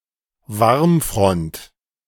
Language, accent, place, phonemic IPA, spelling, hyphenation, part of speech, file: German, Germany, Berlin, /ˈvaʁmˌfʁɔnt/, Warmfront, Warm‧front, noun, De-Warmfront.ogg
- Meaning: warm front